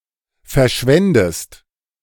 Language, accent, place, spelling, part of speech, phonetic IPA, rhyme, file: German, Germany, Berlin, verschwendest, verb, [fɛɐ̯ˈʃvɛndəst], -ɛndəst, De-verschwendest.ogg
- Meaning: inflection of verschwenden: 1. second-person singular present 2. second-person singular subjunctive I